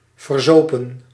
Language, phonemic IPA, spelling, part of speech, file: Dutch, /vərˈzopə(n)/, verzopen, verb, Nl-verzopen.ogg
- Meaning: 1. inflection of verzuipen: plural past indicative 2. inflection of verzuipen: plural past subjunctive 3. past participle of verzuipen